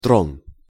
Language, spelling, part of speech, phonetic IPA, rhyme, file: Russian, трон, noun, [tron], -on, Ru-трон.ogg
- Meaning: throne